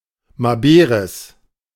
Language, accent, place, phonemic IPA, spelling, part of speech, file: German, Germany, Berlin, /maˈbeʁɛs/, maberes, adjective, De-maberes.ogg
- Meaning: pregnant, gravid